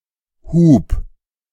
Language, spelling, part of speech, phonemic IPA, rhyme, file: German, Hub, noun / proper noun, /huːp/, -uːp, De-Hub.ogg
- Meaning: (noun) 1. lift, lifting 2. distance traveled by a piston within an engine 3. a puff, a spray (of an inhalator, a nasal spray, etc.); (proper noun) a German surname